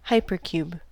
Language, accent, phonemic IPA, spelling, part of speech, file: English, US, /ˈhaɪ.pɚ.kjuːb/, hypercube, noun, En-us-hypercube.ogg
- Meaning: A geometric figure in four or more dimensions, which is analogous to a cube in three dimensions. Specifically, the n-dimensional equivalent of a cube for any non-negative integer n